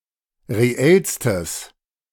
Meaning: strong/mixed nominative/accusative neuter singular superlative degree of reell
- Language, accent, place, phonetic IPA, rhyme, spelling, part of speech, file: German, Germany, Berlin, [ʁeˈɛlstəs], -ɛlstəs, reellstes, adjective, De-reellstes.ogg